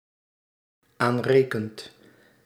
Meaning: second/third-person singular dependent-clause present indicative of aanrekenen
- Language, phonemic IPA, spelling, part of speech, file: Dutch, /ˈanrekənt/, aanrekent, verb, Nl-aanrekent.ogg